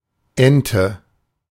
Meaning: 1. duck (aquatic bird of the family Anatidae) 2. mallard; the most common duck species in the area, thought of as the typical duck
- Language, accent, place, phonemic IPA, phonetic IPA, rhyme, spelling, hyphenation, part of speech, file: German, Germany, Berlin, /ˈɛntə/, [ˈʔɛn.tʰə], -ɛntə, Ente, En‧te, noun, De-Ente.ogg